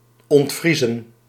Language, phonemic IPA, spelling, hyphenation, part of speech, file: Dutch, /ˌɔntˈvrizə(n)/, ontvriezen, ont‧vrie‧zen, verb, Nl-ontvriezen.ogg
- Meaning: to unfreeze, to defrost, to thaw